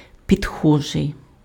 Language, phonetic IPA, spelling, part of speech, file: Ukrainian, [pʲidˈxɔʒei̯], підхожий, adjective, Uk-підхожий.ogg
- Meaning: suitable, appropriate, fitting, right, apt